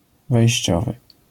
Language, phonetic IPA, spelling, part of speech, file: Polish, [vɛjɕˈt͡ɕɔvɨ], wejściowy, adjective, LL-Q809 (pol)-wejściowy.wav